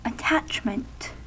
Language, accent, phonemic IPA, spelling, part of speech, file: English, US, /əˈtæt͡ʃmənt/, attachment, noun, En-us-attachment.ogg
- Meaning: 1. The act or process of (physically or figuratively) attaching 2. A strong bonding with or fondness for someone or something 3. A dependence, especially a strong one